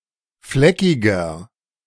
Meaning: 1. comparative degree of fleckig 2. inflection of fleckig: strong/mixed nominative masculine singular 3. inflection of fleckig: strong genitive/dative feminine singular
- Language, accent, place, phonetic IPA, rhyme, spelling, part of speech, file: German, Germany, Berlin, [ˈflɛkɪɡɐ], -ɛkɪɡɐ, fleckiger, adjective, De-fleckiger.ogg